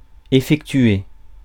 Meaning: 1. to effect 2. to work out (a calculation) 3. to carry out (an experiment) 4. to execute (an operation) 5. to bring about (reconciliation) 6. to hold (a sale) 7. to accomplish 8. to make (a purchase)
- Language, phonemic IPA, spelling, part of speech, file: French, /e.fɛk.tɥe/, effectuer, verb, Fr-effectuer.ogg